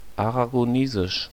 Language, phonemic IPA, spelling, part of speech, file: German, /aʁaɡoˈneːzɪʃ/, Aragonesisch, proper noun, De-Aragonesisch.ogg
- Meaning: Aragonese (language)